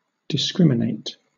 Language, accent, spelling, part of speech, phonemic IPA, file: English, Southern England, discriminate, verb, /dɪˈskɹɪm.ɪ.neɪt/, LL-Q1860 (eng)-discriminate.wav
- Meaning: 1. To make distinctions 2. To treat or affect differently, depending on differences in traits